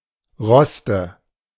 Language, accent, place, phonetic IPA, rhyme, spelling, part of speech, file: German, Germany, Berlin, [ˈʁɔstə], -ɔstə, Roste, noun, De-Roste.ogg
- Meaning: nominative/accusative/genitive plural of Rost